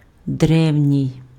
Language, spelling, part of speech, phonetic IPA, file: Ukrainian, древній, adjective, [ˈdrɛu̯nʲii̯], Uk-древній.ogg
- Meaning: ancient